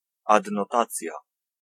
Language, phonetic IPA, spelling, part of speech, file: Polish, [ˌadnɔˈtat͡sʲja], adnotacja, noun, Pl-adnotacja.ogg